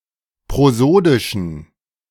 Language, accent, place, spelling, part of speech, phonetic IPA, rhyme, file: German, Germany, Berlin, prosodischen, adjective, [pʁoˈzoːdɪʃn̩], -oːdɪʃn̩, De-prosodischen.ogg
- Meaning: inflection of prosodisch: 1. strong genitive masculine/neuter singular 2. weak/mixed genitive/dative all-gender singular 3. strong/weak/mixed accusative masculine singular 4. strong dative plural